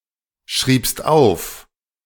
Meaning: second-person singular preterite of aufschreiben
- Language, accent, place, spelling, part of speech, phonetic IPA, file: German, Germany, Berlin, schriebst auf, verb, [ˌʃʁiːpst ˈaʊ̯f], De-schriebst auf.ogg